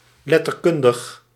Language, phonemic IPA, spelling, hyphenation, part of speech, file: Dutch, /ˌlɛ.tərˈkʏn.dəx/, letterkundig, let‧ter‧kun‧dig, adjective, Nl-letterkundig.ogg
- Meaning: 1. literary, pertaining to literature 2. pertaining to literary studies